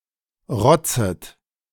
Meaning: second-person plural subjunctive I of rotzen
- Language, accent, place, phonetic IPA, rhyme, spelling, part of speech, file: German, Germany, Berlin, [ˈʁɔt͡sət], -ɔt͡sət, rotzet, verb, De-rotzet.ogg